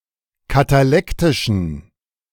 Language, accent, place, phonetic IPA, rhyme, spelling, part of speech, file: German, Germany, Berlin, [kataˈlɛktɪʃn̩], -ɛktɪʃn̩, katalektischen, adjective, De-katalektischen.ogg
- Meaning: inflection of katalektisch: 1. strong genitive masculine/neuter singular 2. weak/mixed genitive/dative all-gender singular 3. strong/weak/mixed accusative masculine singular 4. strong dative plural